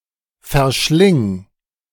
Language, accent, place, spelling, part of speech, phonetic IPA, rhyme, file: German, Germany, Berlin, verschling, verb, [fɛɐ̯ˈʃlɪŋ], -ɪŋ, De-verschling.ogg
- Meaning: singular imperative of verschlingen